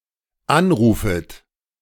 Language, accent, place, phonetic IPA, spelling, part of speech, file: German, Germany, Berlin, [ˈanˌʁuːfət], anrufet, verb, De-anrufet.ogg
- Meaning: second-person plural dependent subjunctive I of anrufen